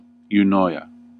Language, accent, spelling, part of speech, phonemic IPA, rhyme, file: English, US, eunoia, noun, /juːˈnɔɪ.ə/, -ɔɪə, En-us-eunoia.ogg
- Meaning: 1. Goodwill towards an audience, either perceived or real; the perception that the speaker has the audience's interest at heart 2. A state of normal adult mental health